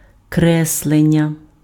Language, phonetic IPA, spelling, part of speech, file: Ukrainian, [ˈkrɛsɫenʲːɐ], креслення, noun, Uk-креслення.ogg
- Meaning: 1. drawing 2. sketch